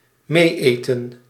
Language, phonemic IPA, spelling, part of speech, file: Dutch, /ˈmeːeːtə(n)/, mee-eten, verb, Nl-mee-eten.ogg
- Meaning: to eat along with others, to join others for a meal